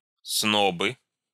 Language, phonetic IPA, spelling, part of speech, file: Russian, [ˈsnobɨ], снобы, noun, Ru-снобы.ogg
- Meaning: nominative plural of сноб (snob)